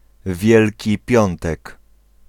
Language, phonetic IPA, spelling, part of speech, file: Polish, [ˈvʲjɛlʲci ˈpʲjɔ̃ntɛk], Wielki Piątek, noun, Pl-Wielki Piątek.ogg